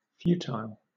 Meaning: 1. Incapable of producing results, useless; doomed not to be successful; not worth attempting 2. Insignificant; frivolous
- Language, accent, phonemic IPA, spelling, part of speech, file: English, Southern England, /ˈfjuː.taɪl/, futile, adjective, LL-Q1860 (eng)-futile.wav